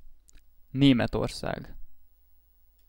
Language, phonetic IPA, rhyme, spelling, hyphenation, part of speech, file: Hungarian, [ˈneːmɛtorsaːɡ], -aːɡ, Németország, Né‧met‧or‧szág, proper noun, Hu-Németország.ogg
- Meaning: Germany (a country in Central Europe; official name: Németországi Szövetségi Köztársaság)